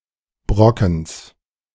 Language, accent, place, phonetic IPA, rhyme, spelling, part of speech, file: German, Germany, Berlin, [ˈbʁɔkn̩s], -ɔkn̩s, Brockens, noun, De-Brockens.ogg
- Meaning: genitive singular of Brocken